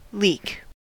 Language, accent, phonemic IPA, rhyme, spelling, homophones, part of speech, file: English, US, /liːk/, -iːk, leak, leek, noun / verb / adjective, En-us-leak.ogg
- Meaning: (noun) 1. A crack, crevice, fissure, or hole which admits water or other fluid, or lets it escape 2. The entrance or escape of a fluid through a crack, fissure, or other aperture